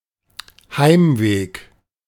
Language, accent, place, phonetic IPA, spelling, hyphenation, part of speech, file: German, Germany, Berlin, [ˈhaɪ̯mˌveːk], Heimweg, Heim‧weg, noun, De-Heimweg.ogg
- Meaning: way home